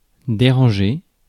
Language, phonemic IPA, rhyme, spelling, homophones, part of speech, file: French, /de.ʁɑ̃.ʒe/, -e, déranger, dérangé / dérangeai / dérangée / dérangées / dérangés / dérangez, verb, Fr-déranger.ogg
- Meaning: 1. to bother; to disrupt 2. to disarray/disarrange (throw into disorder)